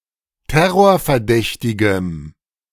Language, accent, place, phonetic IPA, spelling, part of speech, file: German, Germany, Berlin, [ˈtɛʁoːɐ̯fɛɐ̯ˌdɛçtɪɡəm], terrorverdächtigem, adjective, De-terrorverdächtigem.ogg
- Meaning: strong dative masculine/neuter singular of terrorverdächtig